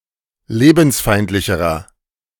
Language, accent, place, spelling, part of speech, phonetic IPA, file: German, Germany, Berlin, lebensfeindlicherer, adjective, [ˈleːbn̩sˌfaɪ̯ntlɪçəʁɐ], De-lebensfeindlicherer.ogg
- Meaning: inflection of lebensfeindlich: 1. strong/mixed nominative masculine singular comparative degree 2. strong genitive/dative feminine singular comparative degree